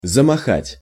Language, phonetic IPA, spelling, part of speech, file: Russian, [zəmɐˈxatʲ], замахать, verb, Ru-замахать.ogg
- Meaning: to begin to wave, to flap